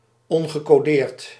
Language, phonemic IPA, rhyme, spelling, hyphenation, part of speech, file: Dutch, /ˌɔn.ɣə.koːˈdeːrt/, -eːrt, ongecodeerd, on‧ge‧co‧deerd, adjective, Nl-ongecodeerd.ogg
- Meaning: unencoded, unencrypted